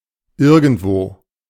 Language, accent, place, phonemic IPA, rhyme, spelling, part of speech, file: German, Germany, Berlin, /ˈɪʁɡəntˌvoː/, -oː, irgendwo, adverb, De-irgendwo.ogg
- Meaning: 1. somewhere 2. anywhere (in one particular place)